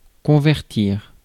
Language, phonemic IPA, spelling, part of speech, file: French, /kɔ̃.vɛʁ.tiʁ/, convertir, verb, Fr-convertir.ogg
- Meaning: 1. to convert (change one thing into another) 2. to convert (exchange one thing into another) 3. to convert (to change someone's beliefs)